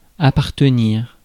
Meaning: 1. to belong 2. to concern
- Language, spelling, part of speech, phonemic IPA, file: French, appartenir, verb, /a.paʁ.tə.niʁ/, Fr-appartenir.ogg